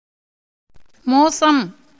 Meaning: 1. treachery, deceit, dishonesty, sham 2. danger, risk 3. badness; something bad (in standard, morality, ability) 4. something disagreeable; harmful or bad
- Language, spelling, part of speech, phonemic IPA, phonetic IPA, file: Tamil, மோசம், noun, /moːtʃɐm/, [moːsɐm], Ta-மோசம்.ogg